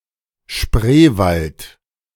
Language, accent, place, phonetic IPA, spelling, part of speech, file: German, Germany, Berlin, [ˈʃpʁeːvalt], Spreewald, proper noun, De-Spreewald.ogg
- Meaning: Spreewald (a region and biosphere reserve in Brandenburg, Germany)